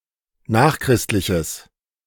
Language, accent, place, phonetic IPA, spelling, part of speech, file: German, Germany, Berlin, [ˈnaːxˌkʁɪstlɪçəs], nachchristliches, adjective, De-nachchristliches.ogg
- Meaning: strong/mixed nominative/accusative neuter singular of nachchristlich